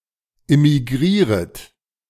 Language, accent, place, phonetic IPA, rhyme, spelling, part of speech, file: German, Germany, Berlin, [ɪmiˈɡʁiːʁət], -iːʁət, immigrieret, verb, De-immigrieret.ogg
- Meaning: second-person plural subjunctive I of immigrieren